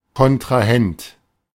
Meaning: 1. opponent, rival, antagonist 2. contracting legal subject, counterparty
- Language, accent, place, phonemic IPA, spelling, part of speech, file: German, Germany, Berlin, /kɔn.tʁaˈhɛnt/, Kontrahent, noun, De-Kontrahent.ogg